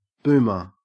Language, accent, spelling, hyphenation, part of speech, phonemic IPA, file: English, Australia, boomer, boom‧er, noun, /ˈbʉː.mə/, En-au-boomer.ogg
- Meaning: 1. Something that makes a booming sound 2. A device used to bind or tighten chain 3. A nuclear ballistic missile submarine, SSBN 4. A Eurasian bittern (subfamily Botaurinae spp.)